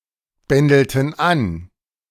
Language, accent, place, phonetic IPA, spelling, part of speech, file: German, Germany, Berlin, [ˌbɛndl̩tn̩ ˈan], bändelten an, verb, De-bändelten an.ogg
- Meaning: inflection of anbändeln: 1. first/third-person plural preterite 2. first/third-person plural subjunctive II